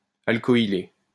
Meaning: synonym of alkyler
- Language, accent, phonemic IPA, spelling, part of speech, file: French, France, /al.kɔ.i.le/, alcoyler, verb, LL-Q150 (fra)-alcoyler.wav